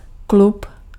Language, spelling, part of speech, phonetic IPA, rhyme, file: Czech, klub, noun, [ˈklup], -up, Cs-klub.ogg
- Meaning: 1. club (association of members) 2. club (establishment providing entertainment, nightclub)